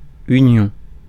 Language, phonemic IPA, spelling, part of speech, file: French, /y.njɔ̃/, union, noun, Fr-union.ogg
- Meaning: union